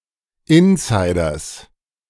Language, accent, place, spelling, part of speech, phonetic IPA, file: German, Germany, Berlin, Insiders, noun, [ˈɪnsaɪ̯dɐs], De-Insiders.ogg
- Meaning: genitive of Insider